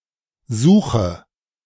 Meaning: inflection of suchen: 1. first-person singular present 2. singular imperative 3. first/third-person singular subjunctive I
- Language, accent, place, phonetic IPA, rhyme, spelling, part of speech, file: German, Germany, Berlin, [ˈzuːxə], -uːxə, suche, verb, De-suche.ogg